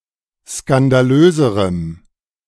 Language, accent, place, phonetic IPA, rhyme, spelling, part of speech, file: German, Germany, Berlin, [skandaˈløːzəʁəm], -øːzəʁəm, skandalöserem, adjective, De-skandalöserem.ogg
- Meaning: strong dative masculine/neuter singular comparative degree of skandalös